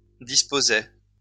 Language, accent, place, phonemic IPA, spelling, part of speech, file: French, France, Lyon, /dis.po.zɛ/, disposaient, verb, LL-Q150 (fra)-disposaient.wav
- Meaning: third-person plural imperfect indicative of disposer